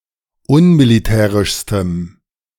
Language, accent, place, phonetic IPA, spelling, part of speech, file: German, Germany, Berlin, [ˈʊnmiliˌtɛːʁɪʃstəm], unmilitärischstem, adjective, De-unmilitärischstem.ogg
- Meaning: strong dative masculine/neuter singular superlative degree of unmilitärisch